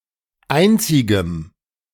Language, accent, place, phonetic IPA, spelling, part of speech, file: German, Germany, Berlin, [ˈaɪ̯nt͡sɪɡəm], einzigem, adjective, De-einzigem.ogg
- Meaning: strong dative masculine/neuter singular of einzig